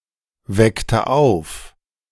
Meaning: inflection of aufwecken: 1. first/third-person singular preterite 2. first/third-person singular subjunctive II
- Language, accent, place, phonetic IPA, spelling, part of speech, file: German, Germany, Berlin, [ˌvɛktə ˈaʊ̯f], weckte auf, verb, De-weckte auf.ogg